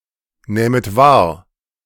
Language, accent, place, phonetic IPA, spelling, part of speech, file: German, Germany, Berlin, [ˌnɛːmət ˈvaːɐ̯], nähmet wahr, verb, De-nähmet wahr.ogg
- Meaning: second-person plural subjunctive II of wahrnehmen